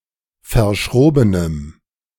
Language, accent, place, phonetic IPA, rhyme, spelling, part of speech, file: German, Germany, Berlin, [fɐˈʃʁoːbənən], -oːbənən, verschrobenen, adjective, De-verschrobenen.ogg
- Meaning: inflection of verschroben: 1. strong genitive masculine/neuter singular 2. weak/mixed genitive/dative all-gender singular 3. strong/weak/mixed accusative masculine singular 4. strong dative plural